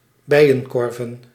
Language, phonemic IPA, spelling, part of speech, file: Dutch, /ˈbɛi̯jə(ŋ)ˌkɔrvə(n)/, bijenkorven, noun, Nl-bijenkorven.ogg
- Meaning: plural of bijenkorf